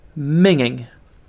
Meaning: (adjective) 1. Very unattractive; ugly 2. Unclean or dirty; disgusting and foul-smelling; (noun) A premonitory symptom
- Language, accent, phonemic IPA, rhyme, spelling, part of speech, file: English, UK, /ˈmɪŋɪŋ/, -ɪŋɪŋ, minging, adjective / noun, En-uk-minging.ogg